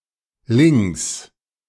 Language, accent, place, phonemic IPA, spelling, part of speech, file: German, Germany, Berlin, /lɪŋs/, -lings, suffix, De--lings.ogg
- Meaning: 1. forms adverbs that describe the manner of an action, particularly a movement 2. genitive singular of -ling